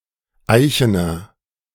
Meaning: inflection of eichen: 1. strong/mixed nominative masculine singular 2. strong genitive/dative feminine singular 3. strong genitive plural
- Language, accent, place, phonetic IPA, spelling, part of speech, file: German, Germany, Berlin, [ˈaɪ̯çənɐ], eichener, adjective, De-eichener.ogg